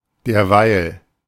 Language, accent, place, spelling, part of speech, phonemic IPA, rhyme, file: German, Germany, Berlin, derweil, adverb / conjunction, /ˈdeːɐ̯ˈvaɪ̯l/, -aɪ̯l, De-derweil.ogg
- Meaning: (adverb) meanwhile, meantime; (conjunction) while